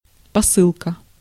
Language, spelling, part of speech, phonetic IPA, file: Russian, посылка, noun, [pɐˈsɨɫkə], Ru-посылка.ogg
- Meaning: 1. dispatching, mailing, sending 2. package, parcel 3. premise, sumption